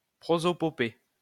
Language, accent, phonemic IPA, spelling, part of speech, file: French, France, /pʁo.zɔ.pɔ.pe/, prosopopée, noun, LL-Q150 (fra)-prosopopée.wav
- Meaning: 1. prosopopoeia 2. a vehement and emphatic discourse